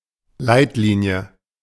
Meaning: 1. guideline, principle 2. clue
- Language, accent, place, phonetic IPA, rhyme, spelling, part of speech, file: German, Germany, Berlin, [ˈlaɪ̯tˌliːni̯ə], -aɪ̯tliːni̯ə, Leitlinie, noun, De-Leitlinie.ogg